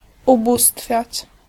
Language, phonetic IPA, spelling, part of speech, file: Polish, [uˈbustfʲjät͡ɕ], ubóstwiać, verb, Pl-ubóstwiać.ogg